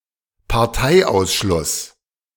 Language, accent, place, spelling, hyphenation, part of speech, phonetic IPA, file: German, Germany, Berlin, Parteiausschluss, Par‧tei‧aus‧schluss, noun, [paʁˈtaɪ̯ˌaʊ̯sʃlʊs], De-Parteiausschluss.ogg
- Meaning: exclusion from the party